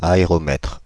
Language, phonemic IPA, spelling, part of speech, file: French, /a.e.ʁɔ.mɛtʁ/, aéromètre, noun, Fr-aéromètre.ogg
- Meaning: aerometer